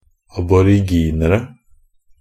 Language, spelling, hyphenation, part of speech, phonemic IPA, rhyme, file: Norwegian Bokmål, aboriginere, ab‧or‧ig‧in‧er‧e, noun, /abɔrɪˈɡiːnərə/, -ərə, NB - Pronunciation of Norwegian Bokmål «aboriginere».ogg
- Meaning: indefinite plural of aboriginer